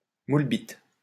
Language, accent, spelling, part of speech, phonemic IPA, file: French, France, moule-bite, noun, /mul.bit/, LL-Q150 (fra)-moule-bite.wav
- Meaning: budgie smugglers